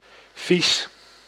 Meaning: 1. dirty (not clean) 2. dirty, also in a sexual sense 3. bad-tasting, disgusting 4. disgusted by, not liking or shunning something
- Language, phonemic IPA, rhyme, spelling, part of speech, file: Dutch, /vis/, -is, vies, adjective, Nl-vies.ogg